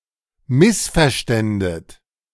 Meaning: second-person plural subjunctive II of missverstehen
- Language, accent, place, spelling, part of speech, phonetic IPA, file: German, Germany, Berlin, missverständet, verb, [ˈmɪsfɛɐ̯ˌʃtɛndət], De-missverständet.ogg